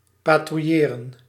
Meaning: to patrol
- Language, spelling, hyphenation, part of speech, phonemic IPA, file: Dutch, patrouilleren, pa‧trouil‧le‧ren, verb, /ˌpaː.truˈjeː.rə(n)/, Nl-patrouilleren.ogg